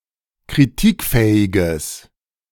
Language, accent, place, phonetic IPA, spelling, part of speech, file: German, Germany, Berlin, [kʁiˈtiːkˌfɛːɪɡəs], kritikfähiges, adjective, De-kritikfähiges.ogg
- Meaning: strong/mixed nominative/accusative neuter singular of kritikfähig